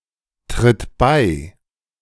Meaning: inflection of beitreten: 1. third-person singular present 2. singular imperative
- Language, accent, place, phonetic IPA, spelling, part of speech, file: German, Germany, Berlin, [tʁɪt ˈbaɪ̯], tritt bei, verb, De-tritt bei.ogg